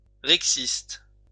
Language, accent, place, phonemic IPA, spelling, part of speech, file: French, France, Lyon, /ʁɛk.sist/, rexiste, adjective / noun, LL-Q150 (fra)-rexiste.wav
- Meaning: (adjective) Rexist